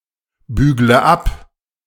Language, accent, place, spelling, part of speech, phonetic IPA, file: German, Germany, Berlin, bügle ab, verb, [ˌbyːɡlə ˈap], De-bügle ab.ogg
- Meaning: inflection of abbügeln: 1. first-person singular present 2. first/third-person singular subjunctive I 3. singular imperative